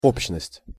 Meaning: 1. generality 2. community
- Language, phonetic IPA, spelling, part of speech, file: Russian, [ˈopɕːnəsʲtʲ], общность, noun, Ru-общность.ogg